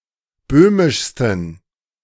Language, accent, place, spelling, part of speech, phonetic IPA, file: German, Germany, Berlin, böhmischsten, adjective, [ˈbøːmɪʃstn̩], De-böhmischsten.ogg
- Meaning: 1. superlative degree of böhmisch 2. inflection of böhmisch: strong genitive masculine/neuter singular superlative degree